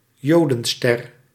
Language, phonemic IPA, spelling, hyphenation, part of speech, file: Dutch, /ˈjoː.də(n)ˌstɛr/, Jodenster, Jo‧den‧ster, noun, Nl-Jodenster.ogg
- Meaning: yellow badge